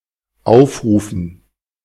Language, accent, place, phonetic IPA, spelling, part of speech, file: German, Germany, Berlin, [ˈaʊ̯fˌʁuːfn̩], Aufrufen, noun, De-Aufrufen.ogg
- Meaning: dative plural of Aufruf